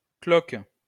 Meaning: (noun) blister; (verb) inflection of cloquer: 1. first/third-person singular present indicative/subjunctive 2. second-person singular imperative
- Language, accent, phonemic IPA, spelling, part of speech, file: French, France, /klɔk/, cloque, noun / verb, LL-Q150 (fra)-cloque.wav